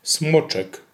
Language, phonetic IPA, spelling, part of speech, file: Polish, [ˈsmɔt͡ʃɛk], smoczek, noun, Pl-smoczek.ogg